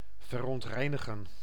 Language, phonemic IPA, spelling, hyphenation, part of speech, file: Dutch, /vər.ɔntˈrɛi̯.nə.ɣə(n)/, verontreinigen, ver‧ont‧rei‧ni‧gen, verb, Nl-verontreinigen.ogg
- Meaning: to pollute